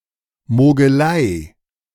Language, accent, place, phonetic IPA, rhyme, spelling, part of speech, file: German, Germany, Berlin, [moːɡəˈlaɪ̯], -aɪ̯, Mogelei, noun, De-Mogelei.ogg
- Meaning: cheating